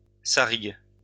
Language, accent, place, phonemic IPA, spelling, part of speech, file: French, France, Lyon, /sa.ʁiɡ/, sarigue, noun, LL-Q150 (fra)-sarigue.wav
- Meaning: opossum